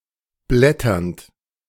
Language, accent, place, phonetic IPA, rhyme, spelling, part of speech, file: German, Germany, Berlin, [ˈblɛtɐnt], -ɛtɐnt, blätternd, verb, De-blätternd.ogg
- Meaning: present participle of blättern